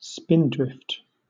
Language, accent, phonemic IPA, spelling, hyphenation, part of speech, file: English, Southern England, /ˈspɪndɹɪft/, spindrift, spin‧drift, noun, LL-Q1860 (eng)-spindrift.wav
- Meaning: 1. Sea spray (clouds of water droplets) blown from the tops of waves by the wind and whipped along the surface of the sea 2. Clouds of sand, snow, etc., whipped along the ground by the wind